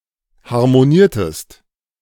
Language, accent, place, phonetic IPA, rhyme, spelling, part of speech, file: German, Germany, Berlin, [haʁmoˈniːɐ̯təst], -iːɐ̯təst, harmoniertest, verb, De-harmoniertest.ogg
- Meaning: inflection of harmonieren: 1. second-person singular preterite 2. second-person singular subjunctive II